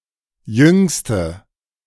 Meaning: inflection of jung: 1. strong/mixed nominative/accusative feminine singular superlative degree 2. strong nominative/accusative plural superlative degree
- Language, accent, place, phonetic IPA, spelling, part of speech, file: German, Germany, Berlin, [ˈjʏŋstə], jüngste, adjective, De-jüngste.ogg